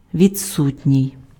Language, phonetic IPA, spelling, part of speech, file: Ukrainian, [ʋʲid͡zˈsutʲnʲii̯], відсутній, adjective, Uk-відсутній.ogg
- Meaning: absent